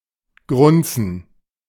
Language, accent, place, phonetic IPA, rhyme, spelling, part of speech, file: German, Germany, Berlin, [ˈɡʁʊnt͡sn̩], -ʊnt͡sn̩, grunzen, verb, De-grunzen.ogg
- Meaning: to grunt